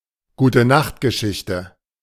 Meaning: bedtime story
- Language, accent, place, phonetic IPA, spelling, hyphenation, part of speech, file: German, Germany, Berlin, [ɡuːtəˈnaxtɡəˌʃɪçtə], Gutenachtgeschichte, Gu‧te‧nacht‧ge‧schich‧te, noun, De-Gutenachtgeschichte.ogg